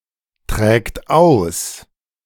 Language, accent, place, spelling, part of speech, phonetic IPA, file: German, Germany, Berlin, trägt aus, verb, [ˌtʁɛːkt ˈaʊ̯s], De-trägt aus.ogg
- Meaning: third-person singular present of austragen